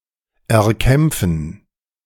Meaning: to gain through struggle
- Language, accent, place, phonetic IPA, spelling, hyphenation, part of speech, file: German, Germany, Berlin, [ɛɐ̯ˈkɛmp͡fn̩], erkämpfen, er‧kämp‧fen, verb, De-erkämpfen.ogg